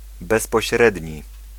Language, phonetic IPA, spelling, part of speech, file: Polish, [ˌbɛspɔɕˈrɛdʲɲi], bezpośredni, adjective, Pl-bezpośredni.ogg